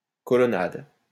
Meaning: colonnade
- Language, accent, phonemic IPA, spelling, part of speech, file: French, France, /kɔ.lɔ.nad/, colonnade, noun, LL-Q150 (fra)-colonnade.wav